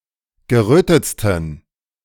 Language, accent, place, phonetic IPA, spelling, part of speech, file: German, Germany, Berlin, [ɡəˈʁøːtət͡stn̩], gerötetsten, adjective, De-gerötetsten.ogg
- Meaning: 1. superlative degree of gerötet 2. inflection of gerötet: strong genitive masculine/neuter singular superlative degree